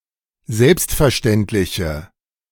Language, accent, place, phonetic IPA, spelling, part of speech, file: German, Germany, Berlin, [ˈzɛlpstfɛɐ̯ˌʃtɛntlɪçə], selbstverständliche, adjective, De-selbstverständliche.ogg
- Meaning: inflection of selbstverständlich: 1. strong/mixed nominative/accusative feminine singular 2. strong nominative/accusative plural 3. weak nominative all-gender singular